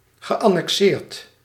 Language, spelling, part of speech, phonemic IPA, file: Dutch, geannexeerd, verb, /ɣəˌʔɑnɛkˈsɪːrt/, Nl-geannexeerd.ogg
- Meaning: past participle of annexeren